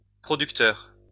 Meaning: plural of producteur
- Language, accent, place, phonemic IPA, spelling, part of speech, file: French, France, Lyon, /pʁɔ.dyk.tœʁ/, producteurs, noun, LL-Q150 (fra)-producteurs.wav